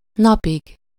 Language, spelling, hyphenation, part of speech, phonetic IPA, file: Hungarian, napig, na‧pig, noun, [ˈnɒpiɡ], Hu-napig.ogg
- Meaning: terminative singular of nap